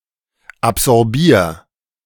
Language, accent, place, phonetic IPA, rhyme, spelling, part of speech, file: German, Germany, Berlin, [apzɔʁˈbiːɐ̯], -iːɐ̯, absorbier, verb, De-absorbier.ogg
- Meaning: 1. singular imperative of absorbieren 2. first-person singular present of absorbieren